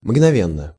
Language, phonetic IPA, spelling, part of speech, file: Russian, [mɡnɐˈvʲenːə], мгновенно, adverb / adjective, Ru-мгновенно.ogg
- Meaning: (adverb) momentarily, instantaneously; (adjective) short neuter singular of мгнове́нный (mgnovénnyj)